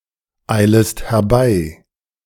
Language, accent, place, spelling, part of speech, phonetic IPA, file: German, Germany, Berlin, eilest herbei, verb, [ˌaɪ̯ləst hɛɐ̯ˈbaɪ̯], De-eilest herbei.ogg
- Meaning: second-person singular subjunctive I of herbeieilen